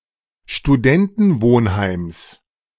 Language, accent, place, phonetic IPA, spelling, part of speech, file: German, Germany, Berlin, [ʃtuˈdɛntn̩ˌvoːnhaɪ̯ms], Studentenwohnheims, noun, De-Studentenwohnheims.ogg
- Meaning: genitive singular of Studentenwohnheim